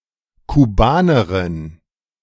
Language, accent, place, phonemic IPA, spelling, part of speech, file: German, Germany, Berlin, /kuˈbaːnɐʁɪn/, Kubanerin, proper noun, De-Kubanerin.ogg
- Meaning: Cuban (a female person from Cuba)